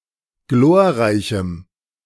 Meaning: strong dative masculine/neuter singular of glorreich
- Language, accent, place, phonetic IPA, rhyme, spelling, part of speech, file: German, Germany, Berlin, [ˈɡloːɐ̯ˌʁaɪ̯çm̩], -oːɐ̯ʁaɪ̯çm̩, glorreichem, adjective, De-glorreichem.ogg